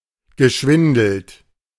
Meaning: past participle of schwindeln
- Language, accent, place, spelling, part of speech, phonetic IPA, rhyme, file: German, Germany, Berlin, geschwindelt, verb, [ɡəˈʃvɪndl̩t], -ɪndl̩t, De-geschwindelt.ogg